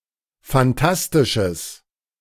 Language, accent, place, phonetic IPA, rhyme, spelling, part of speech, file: German, Germany, Berlin, [fanˈtastɪʃəs], -astɪʃəs, fantastisches, adjective, De-fantastisches.ogg
- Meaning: strong/mixed nominative/accusative neuter singular of fantastisch